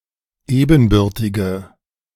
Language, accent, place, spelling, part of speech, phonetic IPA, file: German, Germany, Berlin, ebenbürtige, adjective, [ˈeːbn̩ˌbʏʁtɪɡə], De-ebenbürtige.ogg
- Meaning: inflection of ebenbürtig: 1. strong/mixed nominative/accusative feminine singular 2. strong nominative/accusative plural 3. weak nominative all-gender singular